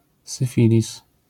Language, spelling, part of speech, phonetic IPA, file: Polish, syfilis, noun, [sɨˈfʲilʲis], LL-Q809 (pol)-syfilis.wav